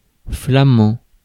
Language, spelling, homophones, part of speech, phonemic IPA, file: French, flamand, flamands / flamant / flamants, adjective / noun, /fla.mɑ̃/, Fr-flamand.ogg
- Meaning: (adjective) Flemish; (noun) Flemish (dialect)